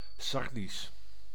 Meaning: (adjective) Sardinian; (proper noun) Sardinian (language)
- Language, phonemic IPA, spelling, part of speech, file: Dutch, /ˈsɑrdis/, Sardisch, proper noun / adjective, Nl-Sardisch.ogg